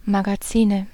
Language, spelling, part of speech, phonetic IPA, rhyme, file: German, Magazine, noun, [maɡaˈt͡siːnə], -iːnə, De-Magazine.ogg
- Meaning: nominative/accusative/genitive plural of Magazin "magazines"